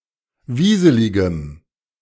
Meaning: strong dative masculine/neuter singular of wieselig
- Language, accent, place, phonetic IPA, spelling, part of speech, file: German, Germany, Berlin, [ˈviːzəlɪɡəm], wieseligem, adjective, De-wieseligem.ogg